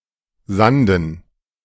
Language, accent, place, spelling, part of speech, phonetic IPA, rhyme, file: German, Germany, Berlin, Sanden, noun, [ˈzandn̩], -andn̩, De-Sanden.ogg
- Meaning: dative plural of Sand